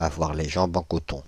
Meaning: to be weak and shaky on one's legs; to be jelly-legged
- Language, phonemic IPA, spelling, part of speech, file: French, /a.vwaʁ le ʒɑ̃.b‿ɑ̃ kɔ.tɔ̃/, avoir les jambes en coton, verb, Fr-avoir les jambes en coton.ogg